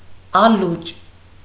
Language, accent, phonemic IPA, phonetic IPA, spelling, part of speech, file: Armenian, Eastern Armenian, /ɑˈlut͡ʃ/, [ɑlút͡ʃ], ալուճ, noun, Hy-ալուճ.ogg
- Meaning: alternative form of ալոճ (aloč)